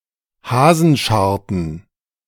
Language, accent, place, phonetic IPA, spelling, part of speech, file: German, Germany, Berlin, [ˈhaːzənˌʃaʁtən], Hasenscharten, noun, De-Hasenscharten.ogg
- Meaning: plural of Hasenscharte